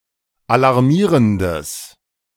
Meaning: strong/mixed nominative/accusative neuter singular of alarmierend
- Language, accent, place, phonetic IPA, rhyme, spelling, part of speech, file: German, Germany, Berlin, [alaʁˈmiːʁəndəs], -iːʁəndəs, alarmierendes, adjective, De-alarmierendes.ogg